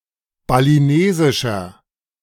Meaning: inflection of balinesisch: 1. strong/mixed nominative masculine singular 2. strong genitive/dative feminine singular 3. strong genitive plural
- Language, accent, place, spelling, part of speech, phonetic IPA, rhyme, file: German, Germany, Berlin, balinesischer, adjective, [baliˈneːzɪʃɐ], -eːzɪʃɐ, De-balinesischer.ogg